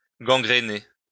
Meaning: alternative form of gangrener
- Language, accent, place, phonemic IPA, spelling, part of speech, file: French, France, Lyon, /ɡɑ̃.ɡʁe.ne/, gangréner, verb, LL-Q150 (fra)-gangréner.wav